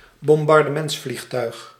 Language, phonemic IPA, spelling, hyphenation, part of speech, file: Dutch, /bɔm.bɑr.dəˈmɛnts.flixˌtœy̯x/, bombardementsvliegtuig, bom‧bar‧de‧ments‧vlieg‧tuig, noun, Nl-bombardementsvliegtuig.ogg
- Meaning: bomber aeroplane